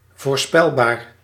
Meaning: predictable
- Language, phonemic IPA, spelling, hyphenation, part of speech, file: Dutch, /ˌvoːrˈspɛl.baːr/, voorspelbaar, voor‧spel‧baar, adjective, Nl-voorspelbaar.ogg